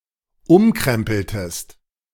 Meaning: inflection of umkrempeln: 1. second-person singular dependent preterite 2. second-person singular dependent subjunctive II
- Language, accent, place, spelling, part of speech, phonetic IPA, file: German, Germany, Berlin, umkrempeltest, verb, [ˈʊmˌkʁɛmpl̩təst], De-umkrempeltest.ogg